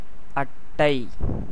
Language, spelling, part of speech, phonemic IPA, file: Tamil, அட்டை, noun, /ɐʈːɐɪ̯/, Ta-அட்டை.ogg
- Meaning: 1. leech (a typically aquatic blood-sucking annelid of the subclass Hirudinea, especially Hirudo medicinalis) 2. card